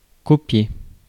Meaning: to copy
- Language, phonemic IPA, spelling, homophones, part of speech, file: French, /kɔ.pje/, copier, copiai / copié / copiée / copiées / copiés / copiez, verb, Fr-copier.ogg